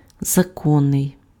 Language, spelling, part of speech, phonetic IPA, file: Ukrainian, законний, adjective, [zɐˈkɔnːei̯], Uk-законний.ogg
- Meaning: legal, lawful (conforming to or recognised by law or rules)